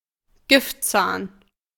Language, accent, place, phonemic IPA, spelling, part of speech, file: German, Germany, Berlin, /ˈɡɪf(t)ˌt͡saːn/, Giftzahn, noun, De-Giftzahn.ogg
- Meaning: fang (animal tooth used to inject venom)